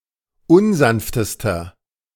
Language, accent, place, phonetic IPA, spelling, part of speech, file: German, Germany, Berlin, [ˈʊnˌzanftəstɐ], unsanftester, adjective, De-unsanftester.ogg
- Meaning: inflection of unsanft: 1. strong/mixed nominative masculine singular superlative degree 2. strong genitive/dative feminine singular superlative degree 3. strong genitive plural superlative degree